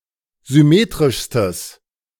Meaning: strong/mixed nominative/accusative neuter singular superlative degree of symmetrisch
- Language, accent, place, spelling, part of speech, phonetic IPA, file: German, Germany, Berlin, symmetrischstes, adjective, [zʏˈmeːtʁɪʃstəs], De-symmetrischstes.ogg